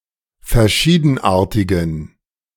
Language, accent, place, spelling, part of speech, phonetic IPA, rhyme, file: German, Germany, Berlin, verschiedenartigen, adjective, [fɛɐ̯ˈʃiːdn̩ˌʔaːɐ̯tɪɡn̩], -iːdn̩ʔaːɐ̯tɪɡn̩, De-verschiedenartigen.ogg
- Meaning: inflection of verschiedenartig: 1. strong genitive masculine/neuter singular 2. weak/mixed genitive/dative all-gender singular 3. strong/weak/mixed accusative masculine singular